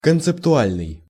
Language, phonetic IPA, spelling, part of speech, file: Russian, [kənt͡sɨptʊˈalʲnɨj], концептуальный, adjective, Ru-концептуальный.ogg
- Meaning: conceptual